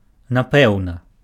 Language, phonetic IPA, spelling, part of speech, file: Belarusian, [naˈpɛu̯na], напэўна, adverb, Be-напэўна.ogg
- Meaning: 1. probably, most likely 2. definitely, surely